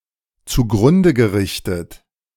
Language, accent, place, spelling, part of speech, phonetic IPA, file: German, Germany, Berlin, zugrunde gerichtet, verb, [t͡suˈɡʁʊndə ɡəˌʁɪçtət], De-zugrunde gerichtet.ogg
- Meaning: past participle of zugrunde richten